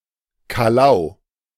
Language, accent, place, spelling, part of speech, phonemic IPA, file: German, Germany, Berlin, Calau, proper noun, /ˈkaːlaʊ̯/, De-Calau.ogg
- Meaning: a city in Brandenburg, Germany